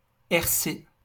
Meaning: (noun) initialism of responsabilité civile; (proper noun) abbreviation of Radio-Canada
- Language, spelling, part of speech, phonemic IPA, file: French, RC, noun / proper noun, /ɛʁ.se/, LL-Q150 (fra)-RC.wav